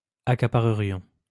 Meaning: first-person plural conditional of accaparer
- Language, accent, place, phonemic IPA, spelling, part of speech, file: French, France, Lyon, /a.ka.pa.ʁə.ʁjɔ̃/, accaparerions, verb, LL-Q150 (fra)-accaparerions.wav